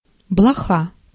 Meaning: flea
- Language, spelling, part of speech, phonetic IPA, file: Russian, блоха, noun, [bɫɐˈxa], Ru-блоха.ogg